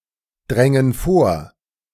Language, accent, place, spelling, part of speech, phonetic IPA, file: German, Germany, Berlin, drängen vor, verb, [ˌdʁɛŋən ˈfoːɐ̯], De-drängen vor.ogg
- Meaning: first/third-person plural subjunctive II of vordringen